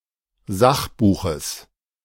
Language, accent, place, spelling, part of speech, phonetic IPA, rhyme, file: German, Germany, Berlin, Sachbuches, noun, [ˈzaxˌbuːxəs], -axbuːxəs, De-Sachbuches.ogg
- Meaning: genitive singular of Sachbuch